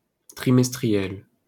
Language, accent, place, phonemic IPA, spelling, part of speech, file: French, France, Paris, /tʁi.mɛs.tʁi.jɛl/, trimestriel, adjective, LL-Q150 (fra)-trimestriel.wav
- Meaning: 1. every three months 2. quarterly